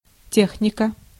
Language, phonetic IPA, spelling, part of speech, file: Russian, [ˈtʲexnʲɪkə], техника, noun, Ru-техника.ogg
- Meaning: 1. engineering, technics 2. technology, tech 3. machinery, equipment 4. material 5. technique 6. genitive/accusative singular of те́хник (téxnik)